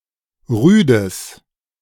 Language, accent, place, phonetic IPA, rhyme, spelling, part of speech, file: German, Germany, Berlin, [ˈʁyːdəs], -yːdəs, rüdes, adjective, De-rüdes.ogg
- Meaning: strong/mixed nominative/accusative neuter singular of rüde